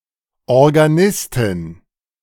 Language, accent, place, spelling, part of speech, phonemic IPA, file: German, Germany, Berlin, Organistin, noun, /ɔʁɡaˈnɪstɪn/, De-Organistin.ogg
- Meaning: female equivalent of Organist (“organist”)